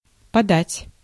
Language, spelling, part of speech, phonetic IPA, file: Russian, подать, verb, [pɐˈdatʲ], Ru-подать.ogg
- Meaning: 1. to give, to proffer, to pass 2. to serve 3. to pitch, to serve, to pass 4. to give alms